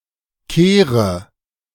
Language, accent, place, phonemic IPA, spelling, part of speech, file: German, Germany, Berlin, /ˈkeːʁə/, Kehre, noun, De-Kehre.ogg
- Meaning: 1. U-turn 2. hairpin bend 3. plural of Kehr